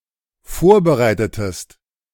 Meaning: inflection of vorbereiten: 1. second-person singular dependent preterite 2. second-person singular dependent subjunctive II
- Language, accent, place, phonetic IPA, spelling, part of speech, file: German, Germany, Berlin, [ˈfoːɐ̯bəˌʁaɪ̯tətəst], vorbereitetest, verb, De-vorbereitetest.ogg